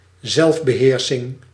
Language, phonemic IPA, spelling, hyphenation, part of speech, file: Dutch, /ˈzɛlf.bəˌɦeːr.sɪŋ/, zelfbeheersing, zelf‧be‧heer‧sing, noun, Nl-zelfbeheersing.ogg
- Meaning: self-control, restraint, composure